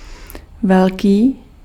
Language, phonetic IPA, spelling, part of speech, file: Czech, [ˈvɛlkiː], velký, adjective / noun, Cs-velký.ogg
- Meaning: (adjective) 1. big 2. major (the larger of two intervals denoted by the same ordinal number); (noun) synonym of durch